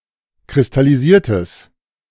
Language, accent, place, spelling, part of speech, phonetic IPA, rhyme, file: German, Germany, Berlin, kristallisiertes, adjective, [kʁɪstaliˈziːɐ̯təs], -iːɐ̯təs, De-kristallisiertes.ogg
- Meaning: strong/mixed nominative/accusative neuter singular of kristallisiert